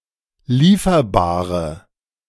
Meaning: inflection of lieferbar: 1. strong/mixed nominative/accusative feminine singular 2. strong nominative/accusative plural 3. weak nominative all-gender singular
- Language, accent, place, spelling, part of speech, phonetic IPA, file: German, Germany, Berlin, lieferbare, adjective, [ˈliːfɐbaːʁə], De-lieferbare.ogg